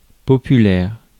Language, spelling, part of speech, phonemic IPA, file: French, populaire, adjective / noun, /pɔ.py.lɛʁ/, Fr-populaire.ogg
- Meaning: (adjective) 1. people's; of the people 2. working-class 3. colloquial 4. folk 5. popular (liked by many people); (noun) populace, the people